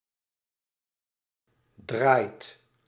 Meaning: inflection of draaien: 1. second/third-person singular present indicative 2. plural imperative
- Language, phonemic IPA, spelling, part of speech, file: Dutch, /draːi̯t/, draait, verb, Nl-draait.ogg